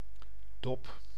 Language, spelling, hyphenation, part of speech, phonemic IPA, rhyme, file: Dutch, dop, dop, noun / verb, /dɔp/, -ɔp, Nl-dop.ogg
- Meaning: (noun) 1. a shell (of an egg or a fruit for example) 2. a hemispherical container such as a thimble 3. a bottle cap 4. an eyelid 5. the dole, unemployment benefit